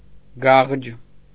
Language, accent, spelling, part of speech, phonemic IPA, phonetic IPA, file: Armenian, Eastern Armenian, գաղջ, adjective, /ɡɑʁd͡ʒ/, [ɡɑʁd͡ʒ], Hy-գաղջ.ogg
- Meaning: warmish, lukewarm